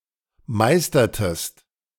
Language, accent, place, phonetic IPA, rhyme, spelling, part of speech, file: German, Germany, Berlin, [ˈmaɪ̯stɐtəst], -aɪ̯stɐtəst, meistertest, verb, De-meistertest.ogg
- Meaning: inflection of meistern: 1. second-person singular preterite 2. second-person singular subjunctive II